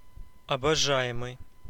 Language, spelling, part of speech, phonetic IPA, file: Russian, обожаемый, verb / adjective, [ɐbɐˈʐa(j)ɪmɨj], Ru-обожаемый.ogg
- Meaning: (verb) present passive imperfective participle of обожа́ть (obožátʹ); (adjective) adorable, adored